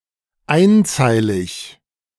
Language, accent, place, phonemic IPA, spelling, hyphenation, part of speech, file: German, Germany, Berlin, /ˈaɪ̯nˌt͡saɪ̯lɪç/, einzeilig, ein‧zei‧lig, adjective, De-einzeilig.ogg
- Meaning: single-spaced